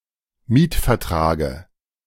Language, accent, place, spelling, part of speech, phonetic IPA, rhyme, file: German, Germany, Berlin, Mietvertrage, noun, [ˈmiːtfɛɐ̯ˌtʁaːɡə], -iːtfɛɐ̯tʁaːɡə, De-Mietvertrage.ogg
- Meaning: dative singular of Mietvertrag